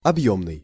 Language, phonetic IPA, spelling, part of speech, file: Russian, [ɐbˈjɵmnɨj], объёмный, adjective, Ru-объёмный.ogg
- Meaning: 1. volume 2. voluminous, roomy 3. by volume 4. volumetric 5. three-dimensional